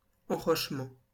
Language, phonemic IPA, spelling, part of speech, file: French, /ɑ̃.ʁɔʃ.mɑ̃/, enrochement, noun, LL-Q150 (fra)-enrochement.wav
- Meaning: riprap